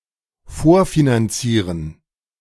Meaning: to prefinance, to finance in advance
- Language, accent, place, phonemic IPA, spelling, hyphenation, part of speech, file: German, Germany, Berlin, /ˈfoːɐ̯finanˌt͡siːʁən/, vorfinanzieren, vor‧fi‧nan‧zie‧ren, verb, De-vorfinanzieren.ogg